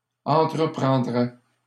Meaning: third-person singular conditional of entreprendre
- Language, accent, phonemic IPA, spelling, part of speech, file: French, Canada, /ɑ̃.tʁə.pʁɑ̃.dʁɛ/, entreprendrait, verb, LL-Q150 (fra)-entreprendrait.wav